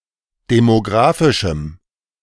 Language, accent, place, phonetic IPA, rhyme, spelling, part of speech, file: German, Germany, Berlin, [demoˈɡʁaːfɪʃm̩], -aːfɪʃm̩, demografischem, adjective, De-demografischem.ogg
- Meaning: strong dative masculine/neuter singular of demografisch